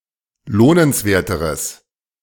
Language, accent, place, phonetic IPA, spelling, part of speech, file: German, Germany, Berlin, [ˈloːnənsˌveːɐ̯təʁəs], lohnenswerteres, adjective, De-lohnenswerteres.ogg
- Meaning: strong/mixed nominative/accusative neuter singular comparative degree of lohnenswert